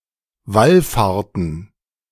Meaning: to go on a pilgrimage
- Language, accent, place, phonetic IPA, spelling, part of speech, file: German, Germany, Berlin, [ˈvalˌfaːɐ̯tn̩], wallfahrten, verb, De-wallfahrten.ogg